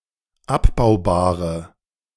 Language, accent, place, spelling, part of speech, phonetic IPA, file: German, Germany, Berlin, abbaubare, adjective, [ˈapbaʊ̯baːʁə], De-abbaubare.ogg
- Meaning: inflection of abbaubar: 1. strong/mixed nominative/accusative feminine singular 2. strong nominative/accusative plural 3. weak nominative all-gender singular